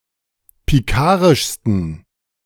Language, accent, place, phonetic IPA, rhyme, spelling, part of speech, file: German, Germany, Berlin, [piˈkaːʁɪʃstn̩], -aːʁɪʃstn̩, pikarischsten, adjective, De-pikarischsten.ogg
- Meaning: 1. superlative degree of pikarisch 2. inflection of pikarisch: strong genitive masculine/neuter singular superlative degree